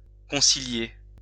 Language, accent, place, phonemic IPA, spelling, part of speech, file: French, France, Lyon, /kɔ̃.si.lje/, concilier, verb, LL-Q150 (fra)-concilier.wav
- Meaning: 1. to reconcile 2. to conciliate